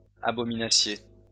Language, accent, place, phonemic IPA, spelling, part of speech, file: French, France, Lyon, /a.bɔ.mi.na.sje/, abominassiez, verb, LL-Q150 (fra)-abominassiez.wav
- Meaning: second-person plural imperfect subjunctive of abominer